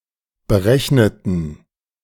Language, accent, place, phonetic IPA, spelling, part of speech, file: German, Germany, Berlin, [bəˈʁɛçnətn̩], berechneten, adjective / verb, De-berechneten.ogg
- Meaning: inflection of berechnen: 1. first/third-person plural preterite 2. first/third-person plural subjunctive II